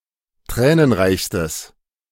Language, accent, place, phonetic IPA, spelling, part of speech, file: German, Germany, Berlin, [ˈtʁɛːnənˌʁaɪ̯çstəs], tränenreichstes, adjective, De-tränenreichstes.ogg
- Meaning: strong/mixed nominative/accusative neuter singular superlative degree of tränenreich